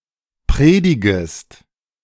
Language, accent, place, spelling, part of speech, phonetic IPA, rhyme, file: German, Germany, Berlin, predigest, verb, [ˈpʁeːdɪɡəst], -eːdɪɡəst, De-predigest.ogg
- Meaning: second-person singular subjunctive I of predigen